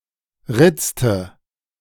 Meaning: inflection of ritzen: 1. first/third-person singular preterite 2. first/third-person singular subjunctive II
- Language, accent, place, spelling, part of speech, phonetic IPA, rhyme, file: German, Germany, Berlin, ritzte, verb, [ˈʁɪt͡stə], -ɪt͡stə, De-ritzte.ogg